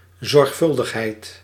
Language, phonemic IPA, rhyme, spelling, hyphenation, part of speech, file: Dutch, /ˌzɔrxˈfʏl.dəx.ɦɛi̯t/, -ʏldəxɦɛi̯t, zorgvuldigheid, zorg‧vul‧dig‧heid, noun, Nl-zorgvuldigheid.ogg
- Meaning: care